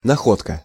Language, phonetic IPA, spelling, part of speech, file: Russian, [nɐˈxotkə], находка, noun, Ru-находка.ogg
- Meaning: find, discovery (anything that is found, especially by good fortune)